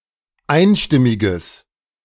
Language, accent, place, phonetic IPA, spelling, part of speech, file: German, Germany, Berlin, [ˈaɪ̯nˌʃtɪmɪɡəs], einstimmiges, adjective, De-einstimmiges.ogg
- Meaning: strong/mixed nominative/accusative neuter singular of einstimmig